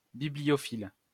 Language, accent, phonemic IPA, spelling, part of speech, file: French, France, /bi.bli.jɔ.fil/, bibliophile, noun, LL-Q150 (fra)-bibliophile.wav
- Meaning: bibliophile